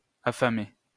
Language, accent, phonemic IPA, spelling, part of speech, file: French, France, /a.fa.me/, affamer, verb, LL-Q150 (fra)-affamer.wav
- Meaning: to starve (somebody or something, like a city during a siege)